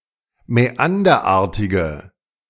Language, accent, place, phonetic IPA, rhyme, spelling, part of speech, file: German, Germany, Berlin, [mɛˈandɐˌʔaːɐ̯tɪɡə], -andɐʔaːɐ̯tɪɡə, mäanderartige, adjective, De-mäanderartige.ogg
- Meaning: inflection of mäanderartig: 1. strong/mixed nominative/accusative feminine singular 2. strong nominative/accusative plural 3. weak nominative all-gender singular